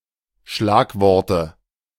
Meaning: 1. nominative plural of Schlagwort 2. genitive plural of Schlagwort 3. accusative plural of Schlagwort
- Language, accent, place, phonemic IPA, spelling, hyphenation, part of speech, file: German, Germany, Berlin, /ˈʃlaːkˌvɔʁtə/, Schlagworte, Schlag‧wor‧te, noun, De-Schlagworte.ogg